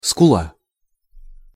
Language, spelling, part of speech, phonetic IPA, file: Russian, скула, noun, [skʊˈɫa], Ru-скула.ogg
- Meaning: 1. cheekbone 2. a curved corner of a ship's hull (between bow and sides, or between stern and sides); a bilge between the bottom and side plating 3. a side of a ship’s bow